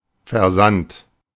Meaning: shipping, shipment, dispatch
- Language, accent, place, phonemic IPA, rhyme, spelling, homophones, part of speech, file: German, Germany, Berlin, /ferˈzant/, -ant, Versand, versand / versandt / versannt, noun, De-Versand.ogg